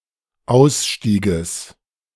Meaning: genitive singular of Ausstieg
- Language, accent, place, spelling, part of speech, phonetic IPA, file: German, Germany, Berlin, Ausstieges, noun, [ˈaʊ̯sˌʃtiːɡəs], De-Ausstieges.ogg